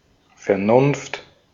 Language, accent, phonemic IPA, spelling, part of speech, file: German, Austria, /fɛɐ̯ˈnʊnft/, Vernunft, noun, De-at-Vernunft.ogg
- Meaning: reason, good sense